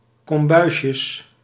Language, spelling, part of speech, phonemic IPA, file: Dutch, kombuisjes, noun, /kɔmˈbœyʃəs/, Nl-kombuisjes.ogg
- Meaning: plural of kombuisje